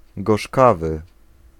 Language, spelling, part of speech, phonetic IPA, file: Polish, gorzkawy, adjective, [ɡɔʃˈkavɨ], Pl-gorzkawy.ogg